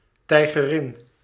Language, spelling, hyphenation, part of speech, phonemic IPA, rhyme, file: Dutch, tijgerin, tij‧ge‧rin, noun, /ˌtɛi̯.ɣəˈrɪn/, -ɪn, Nl-tijgerin.ogg
- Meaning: tigress